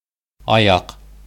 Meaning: 1. leg 2. foot 3. ability to walk
- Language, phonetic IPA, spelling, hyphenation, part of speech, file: Bashkir, [ɑˈjɑq], аяҡ, а‧яҡ, noun, Ba-аяҡ.ogg